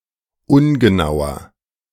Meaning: 1. comparative degree of ungenau 2. inflection of ungenau: strong/mixed nominative masculine singular 3. inflection of ungenau: strong genitive/dative feminine singular
- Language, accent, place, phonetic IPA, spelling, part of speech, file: German, Germany, Berlin, [ˈʊnɡəˌnaʊ̯ɐ], ungenauer, adjective, De-ungenauer.ogg